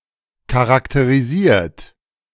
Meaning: 1. past participle of charakterisieren 2. inflection of charakterisieren: third-person singular present 3. inflection of charakterisieren: second-person plural present
- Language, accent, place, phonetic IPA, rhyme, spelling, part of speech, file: German, Germany, Berlin, [kaʁakteʁiˈziːɐ̯t], -iːɐ̯t, charakterisiert, verb, De-charakterisiert.ogg